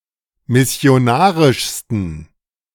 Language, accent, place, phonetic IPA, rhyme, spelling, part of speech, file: German, Germany, Berlin, [mɪsi̯oˈnaːʁɪʃstn̩], -aːʁɪʃstn̩, missionarischsten, adjective, De-missionarischsten.ogg
- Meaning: 1. superlative degree of missionarisch 2. inflection of missionarisch: strong genitive masculine/neuter singular superlative degree